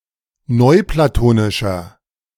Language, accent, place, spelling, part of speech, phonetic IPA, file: German, Germany, Berlin, neuplatonischer, adjective, [ˈnɔɪ̯plaˌtoːnɪʃɐ], De-neuplatonischer.ogg
- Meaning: inflection of neuplatonisch: 1. strong/mixed nominative masculine singular 2. strong genitive/dative feminine singular 3. strong genitive plural